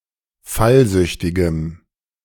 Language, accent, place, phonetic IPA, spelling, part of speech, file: German, Germany, Berlin, [ˈfalˌzʏçtɪɡəm], fallsüchtigem, adjective, De-fallsüchtigem.ogg
- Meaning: strong dative masculine/neuter singular of fallsüchtig